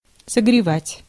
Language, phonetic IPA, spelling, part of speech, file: Russian, [səɡrʲɪˈvatʲ], согревать, verb, Ru-согревать.ogg
- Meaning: to warm up